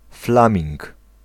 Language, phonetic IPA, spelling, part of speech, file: Polish, [ˈflãmʲĩŋk], flaming, noun, Pl-flaming.ogg